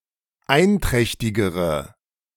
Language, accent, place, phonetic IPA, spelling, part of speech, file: German, Germany, Berlin, [ˈaɪ̯nˌtʁɛçtɪɡəʁə], einträchtigere, adjective, De-einträchtigere.ogg
- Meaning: inflection of einträchtig: 1. strong/mixed nominative/accusative feminine singular comparative degree 2. strong nominative/accusative plural comparative degree